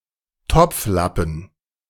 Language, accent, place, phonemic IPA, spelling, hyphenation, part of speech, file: German, Germany, Berlin, /ˈtɔpfˌlapən/, Topflappen, Topf‧lap‧pen, noun, De-Topflappen.ogg
- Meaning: potholder, oven cloth